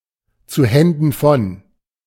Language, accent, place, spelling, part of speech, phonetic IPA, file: German, Germany, Berlin, zu Händen von, phrase, [t͡suː ˈhɛndn̩ fɔn], De-zu Händen von.ogg
- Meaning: for the attention of